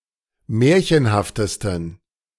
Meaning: 1. superlative degree of märchenhaft 2. inflection of märchenhaft: strong genitive masculine/neuter singular superlative degree
- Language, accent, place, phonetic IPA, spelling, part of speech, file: German, Germany, Berlin, [ˈmɛːɐ̯çənhaftəstn̩], märchenhaftesten, adjective, De-märchenhaftesten.ogg